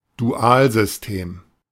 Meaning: binary numeral system, base-2 numeral system
- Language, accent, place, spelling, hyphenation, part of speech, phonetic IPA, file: German, Germany, Berlin, Dualsystem, Du‧al‧sys‧tem, noun, [duˈaːlzʏsˌteːm], De-Dualsystem.ogg